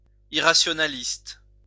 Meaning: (adjective) irrationalist
- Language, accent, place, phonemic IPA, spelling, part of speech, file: French, France, Lyon, /i.ʁa.sjɔ.na.list/, irrationaliste, adjective / noun, LL-Q150 (fra)-irrationaliste.wav